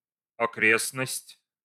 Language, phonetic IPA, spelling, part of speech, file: Russian, [ɐˈkrʲesnəsʲtʲ], окрестность, noun, Ru-окрестность.ogg
- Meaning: 1. environs, vicinity, neighbourhood 2. neighbourhood